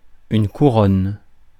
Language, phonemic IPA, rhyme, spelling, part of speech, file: French, /ku.ʁɔn/, -ɔn, couronne, noun, Fr-couronne.ogg
- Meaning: 1. crown (item of headgear) 2. funereal wreath 3. crown (royalty in general) 4. crown (various units of currency) 5. crown 6. corona (circumference of the base of the glans penis in humans)